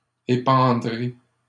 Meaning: second-person plural simple future of épandre
- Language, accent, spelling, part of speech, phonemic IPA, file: French, Canada, épandrez, verb, /e.pɑ̃.dʁe/, LL-Q150 (fra)-épandrez.wav